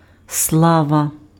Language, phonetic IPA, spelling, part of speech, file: Ukrainian, [ˈsɫaʋɐ], слава, noun, Uk-слава.ogg
- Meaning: 1. glory 2. fame, renown